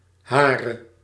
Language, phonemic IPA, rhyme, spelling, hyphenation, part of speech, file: Dutch, /ˈɦaː.rə/, -aːrə, hare, ha‧re, pronoun / determiner, Nl-hare.ogg
- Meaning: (pronoun) non-attributive form of haar; hers; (determiner) inflection of haar: 1. nominative/accusative feminine singular attributive 2. nominative/accusative plural attributive